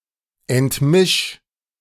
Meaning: 1. singular imperative of entmischen 2. first-person singular present of entmischen
- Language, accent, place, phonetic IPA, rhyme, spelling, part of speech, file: German, Germany, Berlin, [ɛntˈmɪʃ], -ɪʃ, entmisch, verb, De-entmisch.ogg